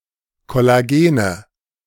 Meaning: nominative/accusative/genitive plural of Kollagen
- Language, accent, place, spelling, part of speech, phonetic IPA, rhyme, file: German, Germany, Berlin, Kollagene, noun, [kɔlaˈɡeːnə], -eːnə, De-Kollagene.ogg